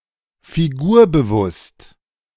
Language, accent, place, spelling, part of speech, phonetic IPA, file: German, Germany, Berlin, figurbewusst, adjective, [fiˈɡuːɐ̯bəˌvʊst], De-figurbewusst.ogg
- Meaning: figure-conscious